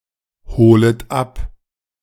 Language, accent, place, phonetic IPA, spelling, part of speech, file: German, Germany, Berlin, [ˌhoːlət ˈap], holet ab, verb, De-holet ab.ogg
- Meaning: second-person plural subjunctive I of abholen